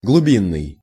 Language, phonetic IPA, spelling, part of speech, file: Russian, [ɡɫʊˈbʲinːɨj], глубинный, adjective, Ru-глубинный.ogg
- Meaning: 1. deep 2. deep-water 3. remote 4. underlying 5. implicit, hidden